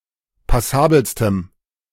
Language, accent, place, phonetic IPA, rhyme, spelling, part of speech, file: German, Germany, Berlin, [paˈsaːbl̩stəm], -aːbl̩stəm, passabelstem, adjective, De-passabelstem.ogg
- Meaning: strong dative masculine/neuter singular superlative degree of passabel